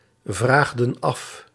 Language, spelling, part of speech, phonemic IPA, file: Dutch, vraagden af, verb, /ˈvraɣdə(n) ˈɑf/, Nl-vraagden af.ogg
- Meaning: inflection of afvragen: 1. plural past indicative 2. plural past subjunctive